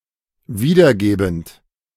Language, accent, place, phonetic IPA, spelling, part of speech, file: German, Germany, Berlin, [ˈviːdɐˌɡeːbn̩t], wiedergebend, verb, De-wiedergebend.ogg
- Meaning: present participle of wiedergeben